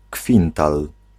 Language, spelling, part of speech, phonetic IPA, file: Polish, kwintal, noun, [ˈkfʲĩntal], Pl-kwintal.ogg